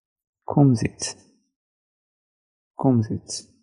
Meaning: A kumzits; a social gathering held around a bonfire or campfire
- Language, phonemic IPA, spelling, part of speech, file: Hebrew, /ˈkumzit͡s/, קומזיץ, noun, He-kumzits.ogg